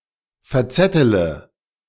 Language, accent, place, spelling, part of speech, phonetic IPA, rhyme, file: German, Germany, Berlin, verzettele, verb, [fɛɐ̯ˈt͡sɛtələ], -ɛtələ, De-verzettele.ogg
- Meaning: inflection of verzetteln: 1. first-person singular present 2. first-person plural subjunctive I 3. third-person singular subjunctive I 4. singular imperative